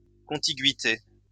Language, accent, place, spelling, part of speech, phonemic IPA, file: French, France, Lyon, contiguïté, noun, /kɔ̃.ti.ɡɥi.te/, LL-Q150 (fra)-contiguïté.wav
- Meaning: contiguity